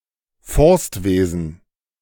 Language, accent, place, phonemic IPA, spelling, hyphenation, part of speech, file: German, Germany, Berlin, /ˈfɔʁstˌveːzn̩/, Forstwesen, Forst‧we‧sen, noun, De-Forstwesen.ogg
- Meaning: forestry